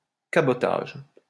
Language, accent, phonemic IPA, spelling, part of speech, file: French, France, /ka.bɔ.taʒ/, cabotage, noun, LL-Q150 (fra)-cabotage.wav
- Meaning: cabotage